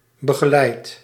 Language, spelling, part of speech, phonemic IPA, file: Dutch, begeleidt, verb, /bəɣəˈlɛit/, Nl-begeleidt.ogg
- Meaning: inflection of begeleiden: 1. second/third-person singular present indicative 2. plural imperative